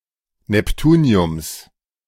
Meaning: genitive singular of Neptunium
- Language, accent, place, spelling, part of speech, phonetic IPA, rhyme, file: German, Germany, Berlin, Neptuniums, noun, [nɛpˈtuːni̯ʊms], -uːni̯ʊms, De-Neptuniums.ogg